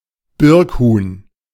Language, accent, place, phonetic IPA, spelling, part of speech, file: German, Germany, Berlin, [ˈbɪʁkˌhuːn], Birkhuhn, noun, De-Birkhuhn.ogg
- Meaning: black grouse